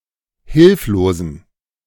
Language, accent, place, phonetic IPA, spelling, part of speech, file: German, Germany, Berlin, [ˈhɪlfloːzn̩], hilflosen, adjective, De-hilflosen.ogg
- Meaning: inflection of hilflos: 1. strong genitive masculine/neuter singular 2. weak/mixed genitive/dative all-gender singular 3. strong/weak/mixed accusative masculine singular 4. strong dative plural